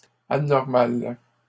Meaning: feminine singular of anormal
- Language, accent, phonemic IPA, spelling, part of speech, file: French, Canada, /a.nɔʁ.mal/, anormale, adjective, LL-Q150 (fra)-anormale.wav